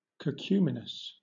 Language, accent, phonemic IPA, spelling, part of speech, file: English, Southern England, /kəˈkjuːmɪnəs/, cacuminous, adjective, LL-Q1860 (eng)-cacuminous.wav
- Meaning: Having a pyramidal top